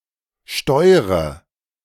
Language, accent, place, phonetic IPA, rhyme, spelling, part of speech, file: German, Germany, Berlin, [ˈʃtɔɪ̯ʁə], -ɔɪ̯ʁə, steure, verb, De-steure.ogg
- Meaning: inflection of steuern: 1. first-person singular present 2. first/third-person singular subjunctive I 3. singular imperative